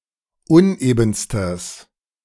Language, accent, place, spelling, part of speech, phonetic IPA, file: German, Germany, Berlin, unebenstes, adjective, [ˈʊnʔeːbn̩stəs], De-unebenstes.ogg
- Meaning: strong/mixed nominative/accusative neuter singular superlative degree of uneben